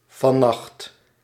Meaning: 1. tonight, this night, the night at the end of the current day 2. last night, the night at the end of the previous day
- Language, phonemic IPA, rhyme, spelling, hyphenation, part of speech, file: Dutch, /vɑˈnɑxt/, -ɑxt, vannacht, van‧nacht, adverb, Nl-vannacht.ogg